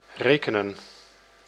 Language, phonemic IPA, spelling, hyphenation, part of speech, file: Dutch, /ˈreːkənə(n)/, rekenen, re‧ke‧nen, verb, Nl-rekenen.ogg
- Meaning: 1. to calculate, to do arithmetic 2. to count [with tot ‘as (belonging to)’; or with als ‘as’], to consider (something) an example 3. to appraise, to reckon, to evaluate 4. to rely, to count